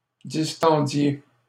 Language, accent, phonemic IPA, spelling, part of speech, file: French, Canada, /dis.tɑ̃.dje/, distendiez, verb, LL-Q150 (fra)-distendiez.wav
- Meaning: inflection of distendre: 1. second-person plural imperfect indicative 2. second-person plural present subjunctive